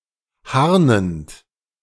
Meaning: present participle of harnen
- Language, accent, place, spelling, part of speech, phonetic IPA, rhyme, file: German, Germany, Berlin, harnend, verb, [ˈhaʁnənt], -aʁnənt, De-harnend.ogg